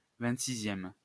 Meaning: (adjective) twenty-sixth
- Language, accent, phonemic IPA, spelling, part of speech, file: French, France, /vɛ̃t.si.zjɛm/, vingt-sixième, adjective / noun, LL-Q150 (fra)-vingt-sixième.wav